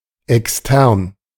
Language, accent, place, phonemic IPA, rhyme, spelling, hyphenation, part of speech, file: German, Germany, Berlin, /ɛksˈtɛʁn/, -ɛʁn, extern, ex‧tern, adjective, De-extern.ogg
- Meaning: external